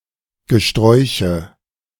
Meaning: nominative/accusative/genitive plural of Gesträuch
- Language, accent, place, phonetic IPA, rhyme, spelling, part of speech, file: German, Germany, Berlin, [ɡəˈʃtʁɔɪ̯çə], -ɔɪ̯çə, Gesträuche, noun, De-Gesträuche.ogg